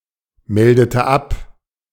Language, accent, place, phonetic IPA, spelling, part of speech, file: German, Germany, Berlin, [ˌmɛldətə ˈap], meldete ab, verb, De-meldete ab.ogg
- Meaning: inflection of abmelden: 1. first/third-person singular preterite 2. first/third-person singular subjunctive II